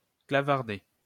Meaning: to chat by typing on a keyboard
- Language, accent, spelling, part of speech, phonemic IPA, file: French, France, clavarder, verb, /kla.vaʁ.de/, LL-Q150 (fra)-clavarder.wav